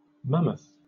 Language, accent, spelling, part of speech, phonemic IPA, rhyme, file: English, Southern England, mammoth, noun / adjective, /ˈmæməθ/, -æməθ, LL-Q1860 (eng)-mammoth.wav